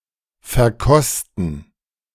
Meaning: to try, to taste (food or drink)
- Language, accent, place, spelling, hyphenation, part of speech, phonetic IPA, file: German, Germany, Berlin, verkosten, ver‧kos‧ten, verb, [fɛɐ̯ˈkɔstn̩], De-verkosten.ogg